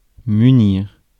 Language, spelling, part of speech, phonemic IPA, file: French, munir, verb, /my.niʁ/, Fr-munir.ogg
- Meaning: 1. to provide, fit, equip (a person or object) 2. to provide oneself [with de ‘with something’], to take a supply